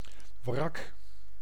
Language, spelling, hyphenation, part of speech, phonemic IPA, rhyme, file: Dutch, wrak, wrak, noun / adjective, /vrɑk/, -ɑk, Nl-wrak.ogg
- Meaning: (noun) 1. wreck, wreckage (remains of a vehicle, vessel, aircraft or other piece of machinery) 2. emotional wreck; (adjective) defective, derelict, rickety